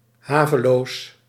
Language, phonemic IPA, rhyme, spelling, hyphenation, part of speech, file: Dutch, /ˈɦaː.vəˌloːs/, -aːvəloːs, haveloos, ha‧ve‧loos, adjective, Nl-haveloos.ogg
- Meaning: shabby